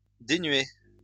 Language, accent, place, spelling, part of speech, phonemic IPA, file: French, France, Lyon, dénué, adjective / verb, /de.nɥe/, LL-Q150 (fra)-dénué.wav
- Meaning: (adjective) lacking (in), devoid (of); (verb) past participle of dénuer